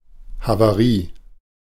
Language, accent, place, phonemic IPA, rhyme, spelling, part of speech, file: German, Germany, Berlin, /ˌhavaˈriː/, -iː, Havarie, noun, De-Havarie.ogg
- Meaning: accident, emergency (most often of a ship); shipwreck